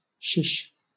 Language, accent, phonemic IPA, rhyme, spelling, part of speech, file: English, Southern England, /ʃɪʃ/, -ɪʃ, shish, interjection / verb / adjective / noun, LL-Q1860 (eng)-shish.wav
- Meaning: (interjection) Used to request quiet; similar to shh; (verb) To be quiet; to keep quiet; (adjective) On a skewer; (noun) The spine of a shish kebab structure